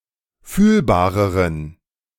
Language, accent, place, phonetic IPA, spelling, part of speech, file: German, Germany, Berlin, [ˈfyːlbaːʁəʁən], fühlbareren, adjective, De-fühlbareren.ogg
- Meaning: inflection of fühlbar: 1. strong genitive masculine/neuter singular comparative degree 2. weak/mixed genitive/dative all-gender singular comparative degree